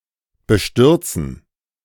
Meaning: to devastate, to dismay, to upset, to shock
- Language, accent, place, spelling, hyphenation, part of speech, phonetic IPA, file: German, Germany, Berlin, bestürzen, be‧stür‧zen, verb, [bəˈʃtʏʁt͡sn̩], De-bestürzen.ogg